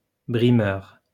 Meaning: bully (person who bullies)
- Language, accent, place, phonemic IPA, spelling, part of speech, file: French, France, Lyon, /bʁi.mœʁ/, brimeur, noun, LL-Q150 (fra)-brimeur.wav